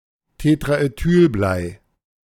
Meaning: tetraethyl lead
- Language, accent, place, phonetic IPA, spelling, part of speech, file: German, Germany, Berlin, [tetʁaʔeˈtyːlˌblaɪ̯], Tetraethylblei, noun, De-Tetraethylblei.ogg